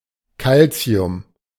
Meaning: alternative form of Kalzium
- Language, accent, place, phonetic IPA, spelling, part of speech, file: German, Germany, Berlin, [ˈkalt͡si̯ʊm], Calcium, noun, De-Calcium.ogg